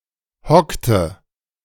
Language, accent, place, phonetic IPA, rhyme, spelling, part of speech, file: German, Germany, Berlin, [ˈhɔktə], -ɔktə, hockte, verb, De-hockte.ogg
- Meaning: inflection of hocken: 1. first/third-person singular preterite 2. first/third-person singular subjunctive II